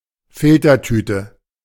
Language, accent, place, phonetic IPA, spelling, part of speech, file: German, Germany, Berlin, [ˈfɪltɐˌtyːtə], Filtertüte, noun, De-Filtertüte.ogg
- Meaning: coffee filter (of paper, funnel-shaped)